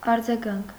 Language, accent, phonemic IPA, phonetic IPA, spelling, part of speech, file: Armenian, Eastern Armenian, /ɑɾd͡zɑˈɡɑnkʰ/, [ɑɾd͡zɑɡɑ́ŋkʰ], արձագանք, noun, Hy-արձագանք.ogg
- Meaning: 1. echo 2. repercussion 3. response